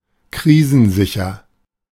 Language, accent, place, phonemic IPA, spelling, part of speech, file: German, Germany, Berlin, /ˈkʁiːzənˌzɪçɐ/, krisensicher, adjective, De-krisensicher.ogg
- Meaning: secure against crises